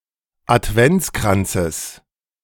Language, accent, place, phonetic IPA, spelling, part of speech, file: German, Germany, Berlin, [atˈvɛnt͡skʁant͡səs], Adventskranzes, noun, De-Adventskranzes.ogg
- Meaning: genitive singular of Adventskranz